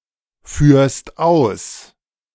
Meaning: second-person singular present of ausführen
- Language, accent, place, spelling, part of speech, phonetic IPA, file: German, Germany, Berlin, führst aus, verb, [ˌfyːɐ̯st ˈaʊ̯s], De-führst aus.ogg